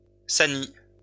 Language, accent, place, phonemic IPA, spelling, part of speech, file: French, France, Lyon, /sa.ni/, sanie, noun, LL-Q150 (fra)-sanie.wav
- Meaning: pus, a clot of pus